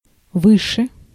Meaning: 1. comparative degree of высо́кий (vysókij) 2. comparative degree of высоко́ (vysokó)
- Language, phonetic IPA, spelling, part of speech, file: Russian, [ˈvɨʂɨ], выше, adverb, Ru-выше.ogg